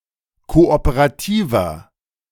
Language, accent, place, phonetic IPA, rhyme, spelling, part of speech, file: German, Germany, Berlin, [ˌkoʔopəʁaˈtiːvɐ], -iːvɐ, kooperativer, adjective, De-kooperativer.ogg
- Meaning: 1. comparative degree of kooperativ 2. inflection of kooperativ: strong/mixed nominative masculine singular 3. inflection of kooperativ: strong genitive/dative feminine singular